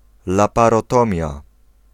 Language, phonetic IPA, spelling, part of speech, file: Polish, [ˌlaparɔˈtɔ̃mʲja], laparotomia, noun, Pl-laparotomia.ogg